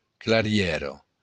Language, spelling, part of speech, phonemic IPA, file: Occitan, clarièra, noun, /klaˈrjɛro/, LL-Q942602-clarièra.wav
- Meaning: clearing, glade